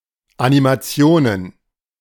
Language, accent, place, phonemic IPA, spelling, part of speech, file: German, Germany, Berlin, /ʔanimaˈtsi̯oːnən/, Animationen, noun, De-Animationen.ogg
- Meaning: plural of Animation